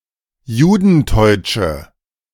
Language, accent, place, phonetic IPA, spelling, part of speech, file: German, Germany, Berlin, [ˈjuːdn̩ˌtɔɪ̯t͡ʃə], judenteutsche, adjective, De-judenteutsche.ogg
- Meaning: inflection of judenteutsch: 1. strong/mixed nominative/accusative feminine singular 2. strong nominative/accusative plural 3. weak nominative all-gender singular